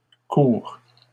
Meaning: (adjective) masculine plural of court; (noun) plural of court
- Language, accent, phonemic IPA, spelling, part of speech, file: French, Canada, /kuʁ/, courts, adjective / noun, LL-Q150 (fra)-courts.wav